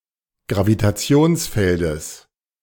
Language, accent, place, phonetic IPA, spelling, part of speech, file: German, Germany, Berlin, [ɡʁavitaˈt͡si̯oːnsˌfɛldəs], Gravitationsfeldes, noun, De-Gravitationsfeldes.ogg
- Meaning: genitive of Gravitationsfeld